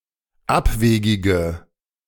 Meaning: inflection of abwegig: 1. strong/mixed nominative/accusative feminine singular 2. strong nominative/accusative plural 3. weak nominative all-gender singular 4. weak accusative feminine/neuter singular
- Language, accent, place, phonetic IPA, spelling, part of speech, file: German, Germany, Berlin, [ˈapˌveːɡɪɡə], abwegige, adjective, De-abwegige.ogg